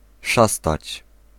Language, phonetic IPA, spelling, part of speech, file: Polish, [ˈʃastat͡ɕ], szastać, verb, Pl-szastać.ogg